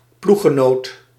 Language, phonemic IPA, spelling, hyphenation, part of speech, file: Dutch, /ˈpluxəˌnoːt/, ploeggenoot, ploeg‧ge‧noot, noun, Nl-ploeggenoot.ogg
- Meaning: teammate